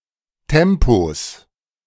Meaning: 1. genitive singular of Tempo 2. plural of Tempo
- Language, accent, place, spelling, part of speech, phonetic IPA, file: German, Germany, Berlin, Tempos, noun, [ˈtɛmpos], De-Tempos.ogg